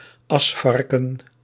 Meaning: a brush with rough bristles and a handle, often used along with a dustpan (historically used for removing ash from fireplaces)
- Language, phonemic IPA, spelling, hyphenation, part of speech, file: Dutch, /ˈɑsˌfɑr.kə(n)/, asvarken, as‧var‧ken, noun, Nl-asvarken.ogg